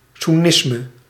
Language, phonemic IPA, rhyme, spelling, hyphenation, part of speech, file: Dutch, /suˈnɪs.mə/, -ɪsmə, soennisme, soen‧nis‧me, noun, Nl-soennisme.ogg
- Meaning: Sunni Islam, Sunnism